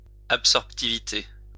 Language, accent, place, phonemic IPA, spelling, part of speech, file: French, France, Lyon, /ap.sɔʁp.ti.vi.te/, absorptivité, noun, LL-Q150 (fra)-absorptivité.wav
- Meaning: absorptivity